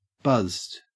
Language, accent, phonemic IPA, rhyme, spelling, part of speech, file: English, Australia, /bʌzd/, -ʌzd, buzzed, adjective / verb, En-au-buzzed.ogg
- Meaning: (adjective) 1. Slightly intoxicated 2. Slightly parted so that they will make a buzzing sound when air (from the lungs) is forced out through them; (verb) simple past and past participle of buzz